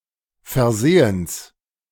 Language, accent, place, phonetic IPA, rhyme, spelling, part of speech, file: German, Germany, Berlin, [fɛɐ̯ˈzeːəns], -eːəns, Versehens, noun, De-Versehens.ogg
- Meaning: genitive singular of Versehen